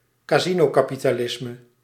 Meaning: any form of capitalism that features or depends on a large speculative financial sector
- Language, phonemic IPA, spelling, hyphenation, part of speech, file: Dutch, /kaːˈzi.noː.kaː.pi.taːˌlɪs.mə/, casinokapitalisme, ca‧si‧no‧ka‧pi‧ta‧lis‧me, noun, Nl-casinokapitalisme.ogg